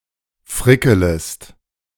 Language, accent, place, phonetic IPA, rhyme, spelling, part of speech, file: German, Germany, Berlin, [ˈfʁɪkələst], -ɪkələst, frickelest, verb, De-frickelest.ogg
- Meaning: second-person singular subjunctive I of frickeln